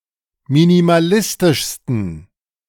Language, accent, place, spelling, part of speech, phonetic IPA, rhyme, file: German, Germany, Berlin, minimalistischsten, adjective, [minimaˈlɪstɪʃstn̩], -ɪstɪʃstn̩, De-minimalistischsten.ogg
- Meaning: 1. superlative degree of minimalistisch 2. inflection of minimalistisch: strong genitive masculine/neuter singular superlative degree